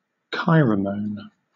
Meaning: Any substance produced by an individual of one species (often an insect) that benefits the recipient which is of a different species but is harmful to the producer
- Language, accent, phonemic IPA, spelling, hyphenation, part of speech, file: English, Southern England, /ˈkaɪɹə(ʊ)məʊn/, kairomone, kai‧ro‧mone, noun, LL-Q1860 (eng)-kairomone.wav